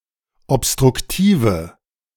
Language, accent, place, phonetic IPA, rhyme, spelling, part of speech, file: German, Germany, Berlin, [ɔpstʁʊkˈtiːvə], -iːvə, obstruktive, adjective, De-obstruktive.ogg
- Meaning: inflection of obstruktiv: 1. strong/mixed nominative/accusative feminine singular 2. strong nominative/accusative plural 3. weak nominative all-gender singular